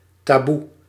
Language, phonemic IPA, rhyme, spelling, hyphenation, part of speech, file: Dutch, /taːˈbu/, -u, taboe, ta‧boe, noun / adjective, Nl-taboe.ogg
- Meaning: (noun) taboo, prohibition; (adjective) taboo, not allowed